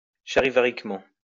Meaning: in a charivaric manner
- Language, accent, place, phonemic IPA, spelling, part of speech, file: French, France, Lyon, /ʃa.ʁi.va.ʁik.mɑ̃/, charivariquement, adverb, LL-Q150 (fra)-charivariquement.wav